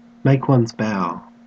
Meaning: 1. To bow, to make a bow (respectful gesture) 2. To debut, to bow
- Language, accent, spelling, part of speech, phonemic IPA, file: English, Australia, make one's bow, verb, /ˈmeɪk wʌnz ˈbaʊ/, En-au-make one's bow.ogg